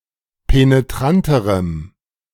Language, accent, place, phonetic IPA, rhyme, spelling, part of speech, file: German, Germany, Berlin, [peneˈtʁantəʁəm], -antəʁəm, penetranterem, adjective, De-penetranterem.ogg
- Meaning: strong dative masculine/neuter singular comparative degree of penetrant